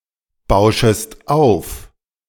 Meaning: second-person singular subjunctive I of aufbauschen
- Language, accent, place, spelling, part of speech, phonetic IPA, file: German, Germany, Berlin, bauschest auf, verb, [ˌbaʊ̯ʃəst ˈaʊ̯f], De-bauschest auf.ogg